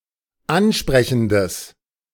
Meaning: strong/mixed nominative/accusative neuter singular of ansprechend
- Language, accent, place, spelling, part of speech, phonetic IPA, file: German, Germany, Berlin, ansprechendes, adjective, [ˈanˌʃpʁɛçn̩dəs], De-ansprechendes.ogg